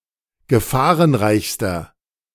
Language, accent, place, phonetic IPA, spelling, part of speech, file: German, Germany, Berlin, [ɡəˈfaːʁənˌʁaɪ̯çstɐ], gefahrenreichster, adjective, De-gefahrenreichster.ogg
- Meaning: inflection of gefahrenreich: 1. strong/mixed nominative masculine singular superlative degree 2. strong genitive/dative feminine singular superlative degree